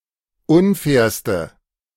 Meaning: inflection of unfair: 1. strong/mixed nominative/accusative feminine singular superlative degree 2. strong nominative/accusative plural superlative degree
- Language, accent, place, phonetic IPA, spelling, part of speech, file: German, Germany, Berlin, [ˈʊnˌfɛːɐ̯stə], unfairste, adjective, De-unfairste.ogg